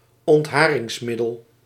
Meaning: depilatory
- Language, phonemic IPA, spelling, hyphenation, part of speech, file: Dutch, /ɔntˈɦaː.rɪŋsˌmɪ.dəl/, ontharingsmiddel, ont‧ha‧rings‧mid‧del, noun, Nl-ontharingsmiddel.ogg